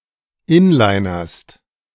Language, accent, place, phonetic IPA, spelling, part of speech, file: German, Germany, Berlin, [ˈɪnlaɪ̯nɐst], inlinerst, verb, De-inlinerst.ogg
- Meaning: second-person singular present of inlinern